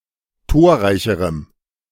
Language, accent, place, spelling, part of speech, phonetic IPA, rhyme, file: German, Germany, Berlin, torreicherem, adjective, [ˈtoːɐ̯ˌʁaɪ̯çəʁəm], -oːɐ̯ʁaɪ̯çəʁəm, De-torreicherem.ogg
- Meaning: strong dative masculine/neuter singular comparative degree of torreich